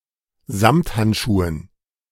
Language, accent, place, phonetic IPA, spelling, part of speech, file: German, Germany, Berlin, [ˈzamthantˌʃuːən], Samthandschuhen, noun, De-Samthandschuhen.ogg
- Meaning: dative plural of Samthandschuh